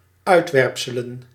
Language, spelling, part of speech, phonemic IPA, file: Dutch, uitwerpselen, noun, /ˈœytwɛrᵊpsələ(n)/, Nl-uitwerpselen.ogg
- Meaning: plural of uitwerpsel